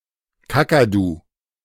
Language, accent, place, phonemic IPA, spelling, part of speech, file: German, Germany, Berlin, /ˈkakaˌduː/, Kakadu, noun, De-Kakadu.ogg
- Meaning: cockatoo